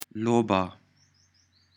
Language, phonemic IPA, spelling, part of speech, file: Pashto, /loˈba/, لوبه, noun, Loba-Pashto.ogg
- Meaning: game